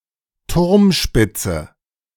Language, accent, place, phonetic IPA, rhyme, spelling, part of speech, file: German, Germany, Berlin, [ˈtʊʁmˌʃpɪt͡sə], -ʊʁmʃpɪt͡sə, Turmspitze, noun, De-Turmspitze.ogg
- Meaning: spire